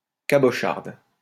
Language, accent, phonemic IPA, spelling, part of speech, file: French, France, /ka.bɔ.ʃaʁd/, cabocharde, adjective, LL-Q150 (fra)-cabocharde.wav
- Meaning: feminine singular of cabochard